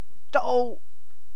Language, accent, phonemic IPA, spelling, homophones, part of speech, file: English, UK, /dəʊ(ʔ)/, d'oh, doe / doh, interjection, En-uk-d'oh.ogg
- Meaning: Expresses frustration or anger, especially at one’s own stupidity